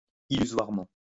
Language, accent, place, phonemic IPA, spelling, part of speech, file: French, France, Lyon, /i.ly.zwaʁ.mɑ̃/, illusoirement, adverb, LL-Q150 (fra)-illusoirement.wav
- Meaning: illusorily